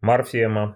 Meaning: morpheme
- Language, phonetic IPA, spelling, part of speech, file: Russian, [mɐrˈfʲemə], морфема, noun, Ru-морфема.ogg